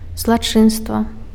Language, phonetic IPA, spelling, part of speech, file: Belarusian, [zɫaˈt͡ʂɨnstva], злачынства, noun, Be-злачынства.ogg
- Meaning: crime; misdeed, wrongdoing